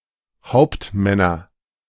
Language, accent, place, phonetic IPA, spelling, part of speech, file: German, Germany, Berlin, [ˈhaʊ̯ptˌmɛnɐ], Hauptmänner, noun, De-Hauptmänner.ogg
- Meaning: nominative/accusative/genitive plural of Hauptmann